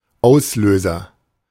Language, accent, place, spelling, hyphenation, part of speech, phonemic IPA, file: German, Germany, Berlin, Auslöser, Aus‧lö‧ser, noun, /ˈaʊ̯sˌløːzɐ/, De-Auslöser.ogg
- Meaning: 1. trigger (event that initiates others, or incites a response) 2. shutter-release button, shutter button